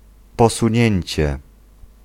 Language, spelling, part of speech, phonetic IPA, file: Polish, posunięcie, noun, [ˌpɔsũˈɲɛ̇̃ɲt͡ɕɛ], Pl-posunięcie.ogg